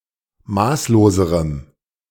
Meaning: strong dative masculine/neuter singular comparative degree of maßlos
- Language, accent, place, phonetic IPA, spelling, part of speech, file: German, Germany, Berlin, [ˈmaːsloːzəʁəm], maßloserem, adjective, De-maßloserem.ogg